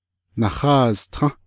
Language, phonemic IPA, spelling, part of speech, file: Navajo, /nɑ̀hɑ̂ːztʰɑ̃́/, naháaztą́, verb, Nv-naháaztą́.ogg
- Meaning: they (3+ actors) are sitting, are at home, are waiting